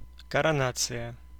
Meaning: coronation
- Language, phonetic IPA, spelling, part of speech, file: Russian, [kərɐˈnat͡sɨjə], коронация, noun, Ru-коронация.ogg